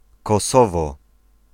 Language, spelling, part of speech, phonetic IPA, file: Polish, Kosowo, proper noun, [kɔˈsɔvɔ], Pl-Kosowo.ogg